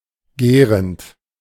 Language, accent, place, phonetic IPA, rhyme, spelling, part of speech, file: German, Germany, Berlin, [ˈɡɛːʁənt], -ɛːʁənt, gärend, verb, De-gärend.ogg
- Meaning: present participle of gären